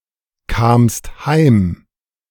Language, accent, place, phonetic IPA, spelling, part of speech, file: German, Germany, Berlin, [ˌkaːmst ˈhaɪ̯m], kamst heim, verb, De-kamst heim.ogg
- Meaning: second-person singular preterite of heimkommen